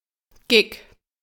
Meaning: gig (performing engagement by a musical group, usually used when referring to events with small audience and contemporary music such as rock or punk)
- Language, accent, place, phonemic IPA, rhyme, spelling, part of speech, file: German, Germany, Berlin, /ɡɪk/, -ɪk, Gig, noun, De-Gig.ogg